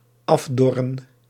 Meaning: to wither and fall off
- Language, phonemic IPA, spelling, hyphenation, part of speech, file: Dutch, /ˈɑfˌdɔ.rə(n)/, afdorren, af‧dor‧ren, verb, Nl-afdorren.ogg